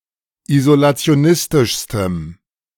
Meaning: strong dative masculine/neuter singular superlative degree of isolationistisch
- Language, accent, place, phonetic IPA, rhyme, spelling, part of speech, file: German, Germany, Berlin, [izolat͡si̯oˈnɪstɪʃstəm], -ɪstɪʃstəm, isolationistischstem, adjective, De-isolationistischstem.ogg